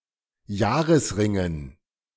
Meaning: dative plural of Jahresring
- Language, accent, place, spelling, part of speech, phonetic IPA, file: German, Germany, Berlin, Jahresringen, noun, [ˈjaːʁəsˌʁɪŋən], De-Jahresringen.ogg